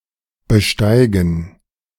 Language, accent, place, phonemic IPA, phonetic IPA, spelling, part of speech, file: German, Germany, Berlin, /bəˈʃtaɪ̯ɡən/, [bəˈʃtaɪ̯ɡŋ̍], besteigen, verb, De-besteigen.ogg
- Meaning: 1. to ascend, to climb, to mount (a kerb etc) 2. to board, get on, to mount (a plane, train etc.) 3. to fuck, to mate with, to mount (birds, bees, etc.)